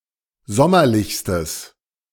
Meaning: strong/mixed nominative/accusative neuter singular superlative degree of sommerlich
- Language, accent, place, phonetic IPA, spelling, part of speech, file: German, Germany, Berlin, [ˈzɔmɐlɪçstəs], sommerlichstes, adjective, De-sommerlichstes.ogg